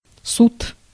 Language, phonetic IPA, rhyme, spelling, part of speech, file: Russian, [sut], -ut, суд, noun, Ru-суд.ogg
- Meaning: 1. court 2. judgment 3. tribunal 4. trial 5. justice